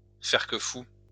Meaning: to act like a madman, to act crazy
- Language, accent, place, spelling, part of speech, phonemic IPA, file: French, France, Lyon, faire que fou, verb, /fɛʁ kə fu/, LL-Q150 (fra)-faire que fou.wav